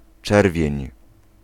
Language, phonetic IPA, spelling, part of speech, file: Polish, [ˈt͡ʃɛrvʲjɛ̇̃ɲ], czerwień, noun / verb, Pl-czerwień.ogg